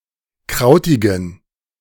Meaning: inflection of krautig: 1. strong genitive masculine/neuter singular 2. weak/mixed genitive/dative all-gender singular 3. strong/weak/mixed accusative masculine singular 4. strong dative plural
- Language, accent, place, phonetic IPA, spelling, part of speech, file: German, Germany, Berlin, [ˈkʁaʊ̯tɪɡn̩], krautigen, adjective, De-krautigen.ogg